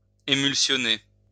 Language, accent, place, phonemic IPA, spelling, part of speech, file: French, France, Lyon, /e.myl.sjɔ.ne/, émulsionner, verb, LL-Q150 (fra)-émulsionner.wav
- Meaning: to emulsify